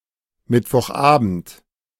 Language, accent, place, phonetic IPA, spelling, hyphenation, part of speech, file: German, Germany, Berlin, [ˌmɪtvɔχˈʔaːbn̩t], Mittwochabend, Mitt‧woch‧abend, noun, De-Mittwochabend.ogg
- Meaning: Wednesday evening